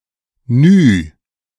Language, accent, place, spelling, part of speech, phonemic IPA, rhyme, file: German, Germany, Berlin, Ny, noun, /nyː/, -yː, De-Ny.ogg
- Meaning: nu (Greek letter)